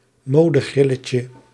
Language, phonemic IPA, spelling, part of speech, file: Dutch, /ˈmodəˌɣrɪləcə/, modegrilletje, noun, Nl-modegrilletje.ogg
- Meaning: diminutive of modegril